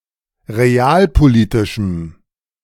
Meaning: strong dative masculine/neuter singular of realpolitisch
- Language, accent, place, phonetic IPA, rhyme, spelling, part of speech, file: German, Germany, Berlin, [ʁeˈaːlpoˌliːtɪʃm̩], -aːlpoliːtɪʃm̩, realpolitischem, adjective, De-realpolitischem.ogg